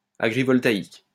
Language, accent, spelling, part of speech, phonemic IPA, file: French, France, agrivoltaïque, adjective, /a.ɡʁi.vɔl.ta.ik/, LL-Q150 (fra)-agrivoltaïque.wav
- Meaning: agrivoltaic